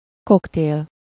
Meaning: 1. cocktail (a mixed alcoholic beverage) 2. cocktail party
- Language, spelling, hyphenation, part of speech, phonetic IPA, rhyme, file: Hungarian, koktél, kok‧tél, noun, [ˈkokteːl], -eːl, Hu-koktél.ogg